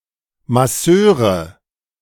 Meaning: nominative/accusative/genitive plural of Masseur
- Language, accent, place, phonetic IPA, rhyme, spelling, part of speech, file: German, Germany, Berlin, [maˈsøːʁə], -øːʁə, Masseure, noun, De-Masseure.ogg